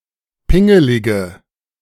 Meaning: inflection of pingelig: 1. strong/mixed nominative/accusative feminine singular 2. strong nominative/accusative plural 3. weak nominative all-gender singular
- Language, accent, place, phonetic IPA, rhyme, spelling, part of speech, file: German, Germany, Berlin, [ˈpɪŋəlɪɡə], -ɪŋəlɪɡə, pingelige, adjective, De-pingelige.ogg